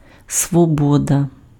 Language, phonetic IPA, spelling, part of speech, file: Ukrainian, [swɔˈbɔdɐ], свобода, noun, Uk-свобода.ogg
- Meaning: freedom, liberty